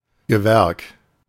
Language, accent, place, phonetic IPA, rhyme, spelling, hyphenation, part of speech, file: German, Germany, Berlin, [ɡəˈvɛʁk], -ɛʁk, Gewerk, Ge‧werk, noun, De-Gewerk.ogg
- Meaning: 1. trade, craft 2. the provided result of a locatio conductio operis